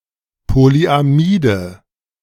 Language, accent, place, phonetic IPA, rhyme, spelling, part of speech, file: German, Germany, Berlin, [poliʔaˈmiːdə], -iːdə, Polyamide, noun, De-Polyamide.ogg
- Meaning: nominative/accusative/genitive plural of Polyamid